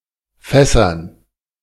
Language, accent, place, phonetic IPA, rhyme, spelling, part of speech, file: German, Germany, Berlin, [ˈfɛsɐn], -ɛsɐn, Fässern, noun, De-Fässern.ogg
- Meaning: dative plural of Fass